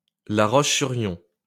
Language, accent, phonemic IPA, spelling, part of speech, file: French, France, /la ʁɔʃ.sy.ʁjɔ̃/, La Roche-sur-Yon, proper noun, LL-Q150 (fra)-La Roche-sur-Yon.wav
- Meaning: La Roche-sur-Yon (a town and commune of Vendée department, Pays de la Loire, France)